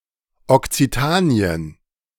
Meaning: Occitania (a cultural region in southwestern Europe where Occitan has historically been spoken, consisting of southern France, parts of Catalonia in Spain, and some valleys in northwestern Italy)
- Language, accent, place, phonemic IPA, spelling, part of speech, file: German, Germany, Berlin, /ɔktsiˈtaːnɪ̯ən/, Okzitanien, proper noun, De-Okzitanien.ogg